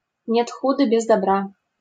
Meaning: every cloud has a silver lining (in every bad situation there is an element of good)
- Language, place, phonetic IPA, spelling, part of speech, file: Russian, Saint Petersburg, [nʲet ˈxudə bʲɪz‿dɐˈbra], нет худа без добра, proverb, LL-Q7737 (rus)-нет худа без добра.wav